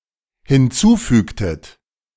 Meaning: inflection of hinzufügen: 1. second-person plural dependent preterite 2. second-person plural dependent subjunctive II
- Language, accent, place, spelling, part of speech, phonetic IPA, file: German, Germany, Berlin, hinzufügtet, verb, [hɪnˈt͡suːˌfyːktət], De-hinzufügtet.ogg